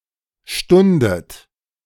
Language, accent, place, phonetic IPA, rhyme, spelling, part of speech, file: German, Germany, Berlin, [ˈʃtʊndət], -ʊndət, stundet, verb, De-stundet.ogg
- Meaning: inflection of stunden: 1. second-person plural present 2. second-person plural subjunctive I 3. third-person singular present 4. plural imperative